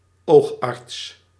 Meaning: ophthalmologist
- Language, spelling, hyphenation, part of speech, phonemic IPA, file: Dutch, oogarts, oog‧arts, noun, /ˈoːx.ɑrts/, Nl-oogarts.ogg